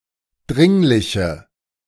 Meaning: inflection of dringlich: 1. strong/mixed nominative/accusative feminine singular 2. strong nominative/accusative plural 3. weak nominative all-gender singular
- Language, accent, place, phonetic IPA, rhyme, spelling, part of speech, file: German, Germany, Berlin, [ˈdʁɪŋlɪçə], -ɪŋlɪçə, dringliche, adjective, De-dringliche.ogg